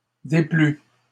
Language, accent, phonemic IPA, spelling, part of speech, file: French, Canada, /de.ply/, déplus, verb, LL-Q150 (fra)-déplus.wav
- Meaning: 1. first/second-person singular past historic of déplaire 2. masculine plural of déplu